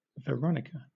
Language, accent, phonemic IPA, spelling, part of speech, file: English, Southern England, /vəˈɹɒnɪkə/, Veronica, proper noun, LL-Q1860 (eng)-Veronica.wav
- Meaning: 1. A female given name from Ancient Greek 2. A surname from Spanish